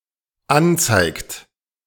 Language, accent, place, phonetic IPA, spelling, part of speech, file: German, Germany, Berlin, [ˈanˌt͡saɪ̯kt], anzeigt, verb, De-anzeigt.ogg
- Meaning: inflection of anzeigen: 1. third-person singular dependent present 2. second-person plural dependent present